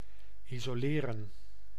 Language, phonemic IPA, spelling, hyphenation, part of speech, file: Dutch, /i.zoːˈleː.rə(n)/, isoleren, iso‧le‧ren, verb, Nl-isoleren.ogg
- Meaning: 1. to insulate 2. to isolate 3. to isolate oneself